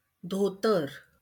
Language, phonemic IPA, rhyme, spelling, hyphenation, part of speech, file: Marathi, /d̪ʱo.t̪əɾ/, -əɾ, धोतर, धो‧तर, noun, LL-Q1571 (mar)-धोतर.wav
- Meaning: dhoti